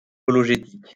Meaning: apologetic
- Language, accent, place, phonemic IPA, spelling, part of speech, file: French, France, Lyon, /a.pɔ.lɔ.ʒe.tik/, apologétique, adjective, LL-Q150 (fra)-apologétique.wav